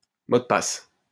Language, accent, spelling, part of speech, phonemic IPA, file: French, France, mot de passe, noun, /mo d(ə) pas/, LL-Q150 (fra)-mot de passe.wav
- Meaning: 1. password (word relayed to a person to gain admittance to a place or to gain access to information) 2. password (string of characters used to log in to a computer or network)